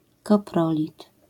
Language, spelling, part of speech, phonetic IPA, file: Polish, koprolit, noun, [kɔˈprɔlʲit], LL-Q809 (pol)-koprolit.wav